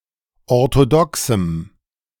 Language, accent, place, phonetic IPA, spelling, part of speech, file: German, Germany, Berlin, [ɔʁtoˈdɔksm̩], orthodoxem, adjective, De-orthodoxem.ogg
- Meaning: strong dative masculine/neuter singular of orthodox